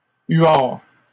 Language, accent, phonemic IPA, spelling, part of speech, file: French, Canada, /ɥaʁ/, huards, noun, LL-Q150 (fra)-huards.wav
- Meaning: plural of huard